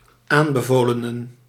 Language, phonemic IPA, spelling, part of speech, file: Dutch, /ˈambəˌvolənə(n)/, aanbevolenen, noun, Nl-aanbevolenen.ogg
- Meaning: plural of aanbevolene